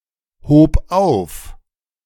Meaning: first/third-person singular preterite of aufheben
- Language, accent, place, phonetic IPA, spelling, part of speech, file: German, Germany, Berlin, [ˌhoːp ˈaʊ̯f], hob auf, verb, De-hob auf.ogg